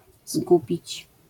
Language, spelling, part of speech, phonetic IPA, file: Polish, zgubić, verb, [ˈzɡubʲit͡ɕ], LL-Q809 (pol)-zgubić.wav